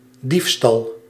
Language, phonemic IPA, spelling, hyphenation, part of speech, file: Dutch, /ˈdif.stɑl/, diefstal, dief‧stal, noun, Nl-diefstal.ogg
- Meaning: theft